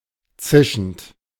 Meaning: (verb) present participle of zischen; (adjective) voiceless
- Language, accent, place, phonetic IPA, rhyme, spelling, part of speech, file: German, Germany, Berlin, [ˈt͡sɪʃn̩t], -ɪʃn̩t, zischend, verb, De-zischend.ogg